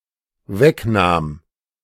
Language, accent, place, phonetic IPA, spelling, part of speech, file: German, Germany, Berlin, [ˈvɛkˌnaːm], wegnahm, verb, De-wegnahm.ogg
- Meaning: first/third-person singular dependent preterite of wegnehmen